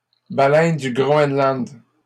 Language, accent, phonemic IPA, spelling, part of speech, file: French, Canada, /ba.lɛn də ɡʁɔ.ɛn.lɑ̃d/, baleine du Groenland, noun, LL-Q150 (fra)-baleine du Groenland.wav
- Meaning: bowhead whale